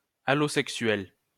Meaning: 1. allosexual (LGBT, trans or non-heterosexual) 2. rhymed using words with different grammatical genders
- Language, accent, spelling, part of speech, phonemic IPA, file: French, France, allosexuel, adjective, /a.lo.sɛk.sɥɛl/, LL-Q150 (fra)-allosexuel.wav